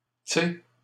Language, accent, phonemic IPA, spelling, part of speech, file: French, Canada, /tse/, tsé, contraction, LL-Q150 (fra)-tsé.wav
- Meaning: Contracted form of tu sais; you know